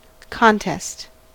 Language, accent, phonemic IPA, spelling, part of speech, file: English, US, /ˈkɑn.tɛst/, contest, noun, En-us-contest.ogg
- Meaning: 1. Controversy; debate 2. Struggle for superiority; combat 3. A competition